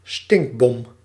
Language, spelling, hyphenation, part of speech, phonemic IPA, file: Dutch, stinkbom, stink‧bom, noun, /ˈstɪŋk.bɔm/, Nl-stinkbom.ogg
- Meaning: stinkbomb